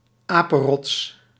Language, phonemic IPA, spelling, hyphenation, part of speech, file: Dutch, /ˈaːpənˌrɔts/, apenrots, apen‧rots, noun, Nl-apenrots.ogg
- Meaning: a rock on which monkeys live